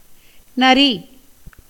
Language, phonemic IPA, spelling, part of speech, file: Tamil, /nɐɾiː/, நரி, noun, Ta-நரி.ogg
- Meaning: 1. jackal 2. fox 3. tiger